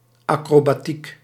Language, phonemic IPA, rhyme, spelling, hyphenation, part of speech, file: Dutch, /ˌɑ.kroː.baːˈtik/, -ik, acrobatiek, acro‧ba‧tiek, noun, Nl-acrobatiek.ogg
- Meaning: acrobatics